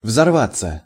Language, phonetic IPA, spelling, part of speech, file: Russian, [vzɐrˈvat͡sːə], взорваться, verb, Ru-взорваться.ogg
- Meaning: 1. to blow up, to detonate 2. to become enraged, to become exasperated, to explode verbally